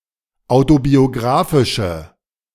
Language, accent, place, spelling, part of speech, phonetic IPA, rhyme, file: German, Germany, Berlin, autobiografische, adjective, [ˌaʊ̯tobioˈɡʁaːfɪʃə], -aːfɪʃə, De-autobiografische.ogg
- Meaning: inflection of autobiografisch: 1. strong/mixed nominative/accusative feminine singular 2. strong nominative/accusative plural 3. weak nominative all-gender singular